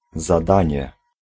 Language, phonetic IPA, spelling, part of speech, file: Polish, [zaˈdãɲɛ], zadanie, noun, Pl-zadanie.ogg